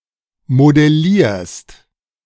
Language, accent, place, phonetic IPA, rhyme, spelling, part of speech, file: German, Germany, Berlin, [modɛˈliːɐ̯st], -iːɐ̯st, modellierst, verb, De-modellierst.ogg
- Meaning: second-person singular present of modellieren